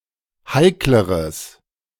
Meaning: strong/mixed nominative/accusative neuter singular comparative degree of heikel
- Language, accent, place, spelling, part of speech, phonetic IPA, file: German, Germany, Berlin, heikleres, adjective, [ˈhaɪ̯kləʁəs], De-heikleres.ogg